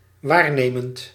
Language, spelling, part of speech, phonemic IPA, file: Dutch, waarnemend, verb / adjective, /ˈwarnemənt/, Nl-waarnemend.ogg
- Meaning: present participle of waarnemen